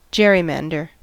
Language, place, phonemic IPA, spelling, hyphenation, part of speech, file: English, California, /ˈd͡ʒɛɹiˌmændəɹ/, gerrymander, ger‧ry‧man‧der, verb / noun, En-us-gerrymander.ogg
- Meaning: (verb) To divide a geographic area into voting districts in such a way as to give an unfair advantage to one party in an election